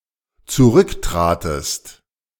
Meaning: second-person singular dependent preterite of zurücktreten
- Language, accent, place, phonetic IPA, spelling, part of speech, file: German, Germany, Berlin, [t͡suˈʁʏkˌtʁaːtəst], zurücktratest, verb, De-zurücktratest.ogg